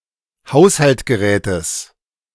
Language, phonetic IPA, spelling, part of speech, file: German, [ˈhaʊ̯shaltɡəˌʁɛːtəs], Haushaltgerätes, noun, De-Haushaltgerätes.ogg